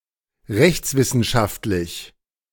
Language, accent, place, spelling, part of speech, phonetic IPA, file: German, Germany, Berlin, rechtswissenschaftlich, adjective, [ˈʁɛçt͡sˌvɪsn̩ʃaftlɪç], De-rechtswissenschaftlich.ogg
- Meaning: jurisprudent